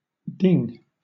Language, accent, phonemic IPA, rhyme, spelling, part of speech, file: English, Southern England, /dɪŋ/, -ɪŋ, ding, noun / verb, LL-Q1860 (eng)-ding.wav
- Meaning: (noun) 1. Very minor damage caused by being struck; a small dent or chip 2. A rejection; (verb) 1. To hit or strike 2. To dash; to throw violently